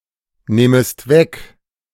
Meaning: second-person singular subjunctive I of wegnehmen
- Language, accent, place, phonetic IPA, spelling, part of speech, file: German, Germany, Berlin, [ˌneːməst ˈvɛk], nehmest weg, verb, De-nehmest weg.ogg